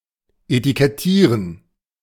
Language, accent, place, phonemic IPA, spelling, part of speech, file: German, Germany, Berlin, /ʔetikɛˈtiːʁən/, etikettieren, verb, De-etikettieren.ogg
- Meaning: to label, to tag